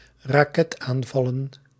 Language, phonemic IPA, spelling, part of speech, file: Dutch, /raˈkɛtaɱvɑlə(n)/, raketaanvallen, noun, Nl-raketaanvallen.ogg
- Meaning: plural of raketaanval